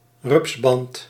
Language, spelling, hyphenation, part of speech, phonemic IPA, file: Dutch, rupsband, rups‧band, noun, /ˈrʏps.bɑnt/, Nl-rupsband.ogg
- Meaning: caterpillar track